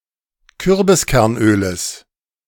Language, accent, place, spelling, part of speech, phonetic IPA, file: German, Germany, Berlin, Kürbiskernöles, noun, [ˈkʏʁbɪskɛʁnˌʔøːləs], De-Kürbiskernöles.ogg
- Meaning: genitive of Kürbiskernöl